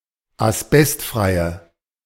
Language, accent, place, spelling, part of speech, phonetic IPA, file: German, Germany, Berlin, asbestfreie, adjective, [asˈbɛstˌfʁaɪ̯ə], De-asbestfreie.ogg
- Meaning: inflection of asbestfrei: 1. strong/mixed nominative/accusative feminine singular 2. strong nominative/accusative plural 3. weak nominative all-gender singular